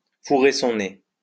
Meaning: to stick one's nose
- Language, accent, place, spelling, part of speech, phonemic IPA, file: French, France, Lyon, fourrer son nez, verb, /fu.ʁe sɔ̃ ne/, LL-Q150 (fra)-fourrer son nez.wav